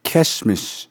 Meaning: Christmas
- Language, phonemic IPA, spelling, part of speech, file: Navajo, /kʰɛ́ʃmɪ̀ʃ/, Késhmish, noun, Nv-Késhmish.ogg